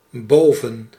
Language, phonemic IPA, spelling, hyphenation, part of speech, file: Dutch, /ˈboː.və(n)/, boven, bo‧ven, adverb / preposition, Nl-boven.ogg
- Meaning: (adverb) 1. above 2. upstairs